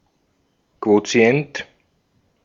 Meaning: quotient (number resulting from division)
- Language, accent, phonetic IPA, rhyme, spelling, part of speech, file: German, Austria, [ˌkvoˈt͡si̯ɛnt], -ɛnt, Quotient, noun, De-at-Quotient.ogg